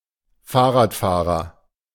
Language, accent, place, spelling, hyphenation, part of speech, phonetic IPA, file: German, Germany, Berlin, Fahrradfahrer, Fahr‧rad‧fah‧rer, noun, [ˈfaːɐ̯ʁaːtˌfaːʁɐ], De-Fahrradfahrer.ogg
- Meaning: cyclist